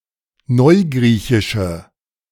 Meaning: inflection of neugriechisch: 1. strong/mixed nominative/accusative feminine singular 2. strong nominative/accusative plural 3. weak nominative all-gender singular
- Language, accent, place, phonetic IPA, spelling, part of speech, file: German, Germany, Berlin, [ˈnɔɪ̯ˌɡʁiːçɪʃə], neugriechische, adjective, De-neugriechische.ogg